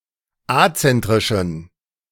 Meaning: inflection of azentrisch: 1. strong genitive masculine/neuter singular 2. weak/mixed genitive/dative all-gender singular 3. strong/weak/mixed accusative masculine singular 4. strong dative plural
- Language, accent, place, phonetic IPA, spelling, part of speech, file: German, Germany, Berlin, [ˈat͡sɛntʁɪʃn̩], azentrischen, adjective, De-azentrischen.ogg